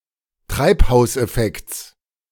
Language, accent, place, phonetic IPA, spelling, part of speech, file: German, Germany, Berlin, [ˈtʁaɪ̯phaʊ̯sʔɛˌfɛkt͡s], Treibhauseffekts, noun, De-Treibhauseffekts.ogg
- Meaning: genitive singular of Treibhauseffekt